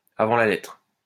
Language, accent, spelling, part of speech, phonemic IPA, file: French, France, avant la lettre, prepositional phrase, /a.vɑ̃ la lɛtʁ/, LL-Q150 (fra)-avant la lettre.wav
- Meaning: 1. before lettering, before letters; proof engraving, proof before letters 2. avant la lettre (before the term was coined)